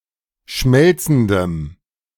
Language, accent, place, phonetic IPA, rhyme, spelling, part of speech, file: German, Germany, Berlin, [ˈʃmɛlt͡sn̩dəm], -ɛlt͡sn̩dəm, schmelzendem, adjective, De-schmelzendem.ogg
- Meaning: strong dative masculine/neuter singular of schmelzend